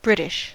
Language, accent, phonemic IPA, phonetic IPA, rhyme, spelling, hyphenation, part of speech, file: English, General American, /ˈbɹɪtɪʃ/, [ˈbɹɪɾɪʃ], -ɪtɪʃ, British, Brit‧ish, noun / proper noun / adjective, En-us-British.oga
- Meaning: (noun) 1. The residents or inhabitants of Great Britain 2. The citizens or inhabitants of the United Kingdom